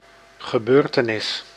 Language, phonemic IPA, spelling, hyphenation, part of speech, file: Dutch, /ɣəˈbøːr.təˌnɪs/, gebeurtenis, ge‧beur‧te‧nis, noun, Nl-gebeurtenis.ogg
- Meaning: event, occasion, occurrence